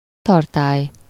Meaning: container
- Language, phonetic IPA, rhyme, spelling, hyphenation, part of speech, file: Hungarian, [ˈtɒrtaːj], -aːj, tartály, tar‧tály, noun, Hu-tartály.ogg